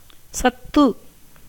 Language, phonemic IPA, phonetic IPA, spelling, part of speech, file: Tamil, /tʃɐt̪ːɯ/, [sɐt̪ːɯ], சத்து, noun, Ta-சத்து.ogg
- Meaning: 1. truth, reality 2. that which exists through all times; the imperishable 3. content 4. nutrient (source of nourishment) 5. the principal of life and activity, power, strength